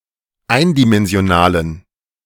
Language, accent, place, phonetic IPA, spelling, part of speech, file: German, Germany, Berlin, [ˈaɪ̯ndimɛnzi̯oˌnaːlən], eindimensionalen, adjective, De-eindimensionalen.ogg
- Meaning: inflection of eindimensional: 1. strong genitive masculine/neuter singular 2. weak/mixed genitive/dative all-gender singular 3. strong/weak/mixed accusative masculine singular 4. strong dative plural